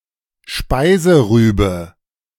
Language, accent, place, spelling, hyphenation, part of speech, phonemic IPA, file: German, Germany, Berlin, Speiserübe, Spei‧se‧rü‧be, noun, /ˈʃpaɪzəˌʁyːbə/, De-Speiserübe.ogg
- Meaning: turnip (white root of Brassica rapa)